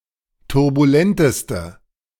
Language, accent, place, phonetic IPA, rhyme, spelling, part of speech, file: German, Germany, Berlin, [tʊʁbuˈlɛntəstə], -ɛntəstə, turbulenteste, adjective, De-turbulenteste.ogg
- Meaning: inflection of turbulent: 1. strong/mixed nominative/accusative feminine singular superlative degree 2. strong nominative/accusative plural superlative degree